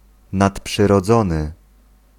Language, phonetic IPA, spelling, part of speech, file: Polish, [ˌnatpʃɨrɔˈd͡zɔ̃nɨ], nadprzyrodzony, adjective, Pl-nadprzyrodzony.ogg